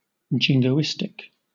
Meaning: Overly patriotic or nationalistic, often with an element of favouring war or an aggressive foreign policy
- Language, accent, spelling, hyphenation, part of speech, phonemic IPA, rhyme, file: English, Southern England, jingoistic, jin‧go‧ist‧ic, adjective, /ˌd͡ʒɪŋ.ɡəʊˈɪst.ɪk/, -ɪstɪk, LL-Q1860 (eng)-jingoistic.wav